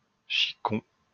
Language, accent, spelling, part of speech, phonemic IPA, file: French, France, chicon, noun, /ʃi.kɔ̃/, LL-Q150 (fra)-chicon.wav
- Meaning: chicon; witloof (edible chicory bud)